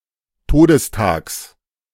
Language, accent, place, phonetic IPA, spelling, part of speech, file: German, Germany, Berlin, [ˈtoːdəsˌtaːks], Todestags, noun, De-Todestags.ogg
- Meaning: genitive singular of Todestag